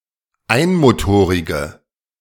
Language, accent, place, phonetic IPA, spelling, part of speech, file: German, Germany, Berlin, [ˈaɪ̯nmoˌtoːʁɪɡə], einmotorige, adjective, De-einmotorige.ogg
- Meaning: inflection of einmotorig: 1. strong/mixed nominative/accusative feminine singular 2. strong nominative/accusative plural 3. weak nominative all-gender singular